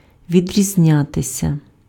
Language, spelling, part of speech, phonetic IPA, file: Ukrainian, відрізнятися, verb, [ʋʲidʲrʲizʲˈnʲatesʲɐ], Uk-відрізнятися.ogg
- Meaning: to differ, to be different (from: від (vid) + genitive)